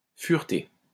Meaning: past participle of fureter
- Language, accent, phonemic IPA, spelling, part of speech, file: French, France, /fyʁ.te/, fureté, verb, LL-Q150 (fra)-fureté.wav